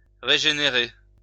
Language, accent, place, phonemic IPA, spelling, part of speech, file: French, France, Lyon, /ʁe.ʒe.ne.ʁe/, régénérer, verb, LL-Q150 (fra)-régénérer.wav
- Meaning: to regenerate